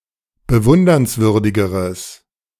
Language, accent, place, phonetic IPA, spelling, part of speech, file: German, Germany, Berlin, [bəˈvʊndɐnsˌvʏʁdɪɡəʁəs], bewundernswürdigeres, adjective, De-bewundernswürdigeres.ogg
- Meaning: strong/mixed nominative/accusative neuter singular comparative degree of bewundernswürdig